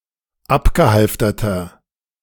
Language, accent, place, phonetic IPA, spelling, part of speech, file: German, Germany, Berlin, [ˈapɡəˌhalftɐtɐ], abgehalfterter, adjective, De-abgehalfterter.ogg
- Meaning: inflection of abgehalftert: 1. strong/mixed nominative masculine singular 2. strong genitive/dative feminine singular 3. strong genitive plural